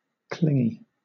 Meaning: 1. Having a tendency to cling 2. Attached to, or possessive of someone, usually a significant other
- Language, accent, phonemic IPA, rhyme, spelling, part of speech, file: English, Southern England, /ˈklɪŋi/, -ɪŋi, clingy, adjective, LL-Q1860 (eng)-clingy.wav